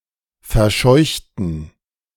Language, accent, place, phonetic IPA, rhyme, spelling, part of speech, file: German, Germany, Berlin, [fɛɐ̯ˈʃɔɪ̯çtn̩], -ɔɪ̯çtn̩, verscheuchten, adjective / verb, De-verscheuchten.ogg
- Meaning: inflection of verscheuchen: 1. first/third-person plural preterite 2. first/third-person plural subjunctive II